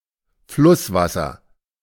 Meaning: river water
- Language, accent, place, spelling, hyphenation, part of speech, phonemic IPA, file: German, Germany, Berlin, Flusswasser, Fluss‧was‧ser, noun, /ˈflʊsˌvasɐ/, De-Flusswasser.ogg